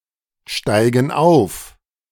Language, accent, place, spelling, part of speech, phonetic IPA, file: German, Germany, Berlin, steigen auf, verb, [ˌʃtaɪ̯ɡn̩ ˈaʊ̯f], De-steigen auf.ogg
- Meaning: inflection of aufsteigen: 1. first/third-person plural present 2. first/third-person plural subjunctive I